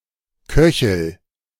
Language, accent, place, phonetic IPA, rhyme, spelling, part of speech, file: German, Germany, Berlin, [ˈkœçl̩], -œçl̩, köchel, verb, De-köchel.ogg
- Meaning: inflection of köcheln: 1. first-person singular present 2. singular imperative